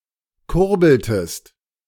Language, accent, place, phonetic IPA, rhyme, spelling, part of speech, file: German, Germany, Berlin, [ˈkʊʁbl̩təst], -ʊʁbl̩təst, kurbeltest, verb, De-kurbeltest.ogg
- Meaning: inflection of kurbeln: 1. second-person singular preterite 2. second-person singular subjunctive II